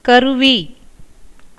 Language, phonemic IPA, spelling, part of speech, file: Tamil, /kɐɾʊʋiː/, கருவி, noun, Ta-கருவி.ogg
- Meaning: 1. instrument, tool, implement 2. means, materials 3. shield 4. assembly, collection, painting